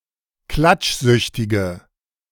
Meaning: inflection of klatschsüchtig: 1. strong/mixed nominative/accusative feminine singular 2. strong nominative/accusative plural 3. weak nominative all-gender singular
- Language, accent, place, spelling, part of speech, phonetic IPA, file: German, Germany, Berlin, klatschsüchtige, adjective, [ˈklat͡ʃˌzʏçtɪɡə], De-klatschsüchtige.ogg